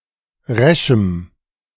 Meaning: strong dative masculine/neuter singular of resch
- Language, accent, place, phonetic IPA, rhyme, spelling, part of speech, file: German, Germany, Berlin, [ˈʁɛʃm̩], -ɛʃm̩, reschem, adjective, De-reschem.ogg